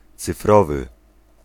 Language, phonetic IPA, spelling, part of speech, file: Polish, [t͡sɨfˈrɔvɨ], cyfrowy, adjective, Pl-cyfrowy.ogg